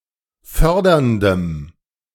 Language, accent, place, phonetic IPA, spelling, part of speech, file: German, Germany, Berlin, [ˈfœʁdɐndəm], förderndem, adjective, De-förderndem.ogg
- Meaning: strong dative masculine/neuter singular of fördernd